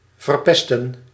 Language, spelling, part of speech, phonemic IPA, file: Dutch, verpesten, verb, /vərˈpɛstə(n)/, Nl-verpesten.ogg
- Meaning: 1. to infect, poison 2. to spoil, ruin 3. to screw up, botch up